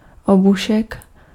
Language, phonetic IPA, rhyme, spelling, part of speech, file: Czech, [ˈobuʃɛk], -uʃɛk, obušek, noun, Cs-obušek.ogg
- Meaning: bludgeon (short heavy club)